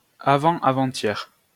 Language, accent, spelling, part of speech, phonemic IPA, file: French, France, avant-avant-hier, adverb, /a.vɑ̃ a.vɑ̃.t‿jɛʁ/, LL-Q150 (fra)-avant-avant-hier.wav
- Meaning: the day before the day before yesterday; three days ago